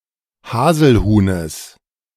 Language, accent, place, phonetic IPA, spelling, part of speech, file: German, Germany, Berlin, [ˈhaːzl̩ˌhuːnəs], Haselhuhnes, noun, De-Haselhuhnes.ogg
- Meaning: genitive of Haselhuhn